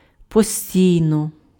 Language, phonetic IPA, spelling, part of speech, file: Ukrainian, [poˈsʲtʲii̯nɔ], постійно, adverb, Uk-постійно.ogg
- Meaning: 1. permanently 2. constantly, continually, persistently, perpetually